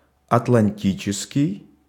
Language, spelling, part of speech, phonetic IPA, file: Russian, атлантический, adjective, [ɐtɫɐnʲˈtʲit͡ɕɪskʲɪj], Ru-атлантический.ogg
- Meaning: Atlantic